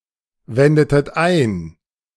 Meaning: inflection of einwenden: 1. second-person plural preterite 2. second-person plural subjunctive II
- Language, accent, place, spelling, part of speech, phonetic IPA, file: German, Germany, Berlin, wendetet ein, verb, [ˌvɛndətət ˈaɪ̯n], De-wendetet ein.ogg